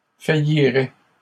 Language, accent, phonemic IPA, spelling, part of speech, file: French, Canada, /fa.ji.ʁɛ/, faillirait, verb, LL-Q150 (fra)-faillirait.wav
- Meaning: third-person singular conditional of faillir